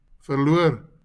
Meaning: to lose
- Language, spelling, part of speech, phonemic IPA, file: Afrikaans, verloor, verb, /fərˈlʊər/, LL-Q14196 (afr)-verloor.wav